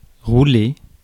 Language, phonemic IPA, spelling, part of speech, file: French, /ʁu.le/, rouler, verb, Fr-rouler.ogg
- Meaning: 1. to roll 2. to revolve 3. to go (of events, to proceed) 4. to work, to function 5. to ride; to drive (a vehicle) 6. to dupe, to trick